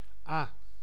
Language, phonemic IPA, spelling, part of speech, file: Dutch, /a/, à, preposition, Nl-à.ogg
- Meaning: 1. indicates an approximate number 2. indicates the price etc. each